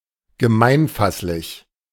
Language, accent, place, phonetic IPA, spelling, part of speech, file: German, Germany, Berlin, [ɡəˈmaɪ̯nˌfaslɪç], gemeinfasslich, adjective, De-gemeinfasslich.ogg
- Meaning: universally comprehensible; exoteric